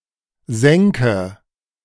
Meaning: first/third-person singular subjunctive II of sinken
- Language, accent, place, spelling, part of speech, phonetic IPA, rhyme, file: German, Germany, Berlin, sänke, verb, [ˈzɛŋkə], -ɛŋkə, De-sänke.ogg